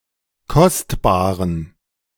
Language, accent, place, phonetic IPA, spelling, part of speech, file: German, Germany, Berlin, [ˈkɔstbaːʁən], kostbaren, adjective, De-kostbaren.ogg
- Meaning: inflection of kostbar: 1. strong genitive masculine/neuter singular 2. weak/mixed genitive/dative all-gender singular 3. strong/weak/mixed accusative masculine singular 4. strong dative plural